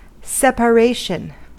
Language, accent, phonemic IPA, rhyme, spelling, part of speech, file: English, US, /ˌsɛp.əˈɹeɪ.ʃən/, -eɪʃən, separation, noun, En-us-separation.ogg
- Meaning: 1. The act of disuniting two or more things, or the condition of being separated 2. The act or condition of two or more people being separated from one another